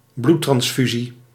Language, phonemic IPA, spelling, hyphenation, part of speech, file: Dutch, /ˈblu(t).trɑnsˌfy.zi/, bloedtransfusie, bloed‧trans‧fu‧sie, noun, Nl-bloedtransfusie.ogg
- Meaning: blood transfusion